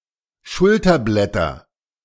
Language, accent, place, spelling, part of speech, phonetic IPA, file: German, Germany, Berlin, Schulterblätter, noun, [ˈʃʊltɐˌblɛtɐ], De-Schulterblätter.ogg
- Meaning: nominative/accusative/genitive plural of Schulterblatt